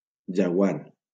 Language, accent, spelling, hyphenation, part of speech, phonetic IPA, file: Catalan, Valencia, jaguar, ja‧guar, noun, [d͡ʒaˈɣwar], LL-Q7026 (cat)-jaguar.wav
- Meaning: jaguar